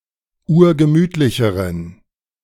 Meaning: inflection of urgemütlich: 1. strong genitive masculine/neuter singular comparative degree 2. weak/mixed genitive/dative all-gender singular comparative degree
- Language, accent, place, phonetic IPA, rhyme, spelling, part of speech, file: German, Germany, Berlin, [ˈuːɐ̯ɡəˈmyːtlɪçəʁən], -yːtlɪçəʁən, urgemütlicheren, adjective, De-urgemütlicheren.ogg